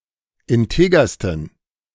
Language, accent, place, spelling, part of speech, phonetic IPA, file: German, Germany, Berlin, integersten, adjective, [ɪnˈteːɡɐstn̩], De-integersten.ogg
- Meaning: 1. superlative degree of integer 2. inflection of integer: strong genitive masculine/neuter singular superlative degree